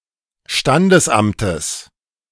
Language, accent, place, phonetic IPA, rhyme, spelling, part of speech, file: German, Germany, Berlin, [ˈʃtandəsˌʔamtəs], -andəsʔamtəs, Standesamtes, noun, De-Standesamtes.ogg
- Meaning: genitive singular of Standesamt